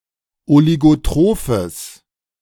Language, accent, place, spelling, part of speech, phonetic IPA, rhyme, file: German, Germany, Berlin, oligotrophes, adjective, [oliɡoˈtʁoːfəs], -oːfəs, De-oligotrophes.ogg
- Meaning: strong/mixed nominative/accusative neuter singular of oligotroph